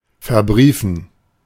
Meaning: 1. to guarantee 2. to securitize
- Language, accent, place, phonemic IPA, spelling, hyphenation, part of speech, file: German, Germany, Berlin, /fɛɐ̯ˈbʁiːfn̩/, verbriefen, ver‧brie‧fen, verb, De-verbriefen.ogg